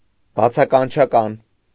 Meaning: exclamatory
- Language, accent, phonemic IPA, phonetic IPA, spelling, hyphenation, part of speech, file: Armenian, Eastern Armenian, /bɑt͡sʰɑkɑnt͡ʃʰɑˈkɑn/, [bɑt͡sʰɑkɑnt͡ʃʰɑkɑ́n], բացականչական, բա‧ցա‧կան‧չա‧կան, adjective, Hy-բացականչական.ogg